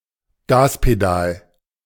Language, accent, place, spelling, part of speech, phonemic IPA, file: German, Germany, Berlin, Gaspedal, noun, /ˈɡaːspeˌdaːl/, De-Gaspedal.ogg
- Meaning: throttle; accelerator; accelerator pedal